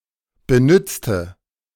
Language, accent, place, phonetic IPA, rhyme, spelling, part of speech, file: German, Germany, Berlin, [bəˈnʏt͡stə], -ʏt͡stə, benützte, adjective / verb, De-benützte.ogg
- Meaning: inflection of benützen: 1. first/third-person singular preterite 2. first/third-person singular subjunctive II